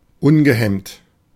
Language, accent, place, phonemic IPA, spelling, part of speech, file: German, Germany, Berlin, /ˈʊnɡəˌhɛmt/, ungehemmt, adjective, De-ungehemmt.ogg
- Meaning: unchecked, unbridled, unrestrained, uninhibited